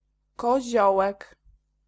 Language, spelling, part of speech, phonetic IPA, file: Polish, koziołek, noun, [kɔˈʑɔwɛk], Pl-koziołek.ogg